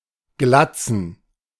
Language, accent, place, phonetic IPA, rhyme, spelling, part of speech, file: German, Germany, Berlin, [ˈɡlat͡sn̩], -at͡sn̩, Glatzen, noun, De-Glatzen.ogg
- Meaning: plural of Glatze